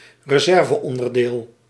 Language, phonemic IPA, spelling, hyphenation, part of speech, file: Dutch, /rəˈzɛr.və.ɔn.dərˌdeːl/, reserveonderdeel, re‧ser‧ve‧on‧der‧deel, noun, Nl-reserveonderdeel.ogg
- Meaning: spare part